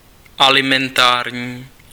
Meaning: food, alimentary
- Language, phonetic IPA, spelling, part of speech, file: Czech, [ˈalɪmɛntaːrɲiː], alimentární, adjective, Cs-alimentární.ogg